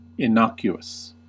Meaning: 1. Harmless; producing no ill effect 2. Inoffensive; unprovocative; unexceptionable
- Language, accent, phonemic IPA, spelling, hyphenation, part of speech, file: English, US, /ɪˈnɑkjuəs/, innocuous, in‧noc‧u‧ous, adjective, En-us-innocuous.ogg